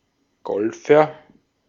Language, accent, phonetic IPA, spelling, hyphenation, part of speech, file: German, Austria, [ˈɡɔlfɐ], Golfer, Gol‧fer, noun, De-at-Golfer.ogg
- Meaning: golfer